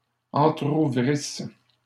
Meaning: first-person singular imperfect subjunctive of entrouvrir
- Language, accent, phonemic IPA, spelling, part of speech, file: French, Canada, /ɑ̃.tʁu.vʁis/, entrouvrisse, verb, LL-Q150 (fra)-entrouvrisse.wav